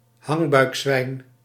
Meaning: pot-bellied pig, a Vietnamese breed of domesticated pig
- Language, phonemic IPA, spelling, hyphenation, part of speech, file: Dutch, /ˈɦɑŋ.bœy̯kˌsʋɛi̯n/, hangbuikzwijn, hang‧buik‧zwijn, noun, Nl-hangbuikzwijn.ogg